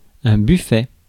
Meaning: 1. sideboard, dresser (a piece of furniture) 2. buffet (food) 3. belly
- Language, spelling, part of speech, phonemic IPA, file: French, buffet, noun, /by.fɛ/, Fr-buffet.ogg